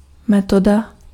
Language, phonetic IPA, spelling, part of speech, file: Czech, [ˈmɛtoda], metoda, noun, Cs-metoda.ogg
- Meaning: 1. method (process by which a task is completed) 2. method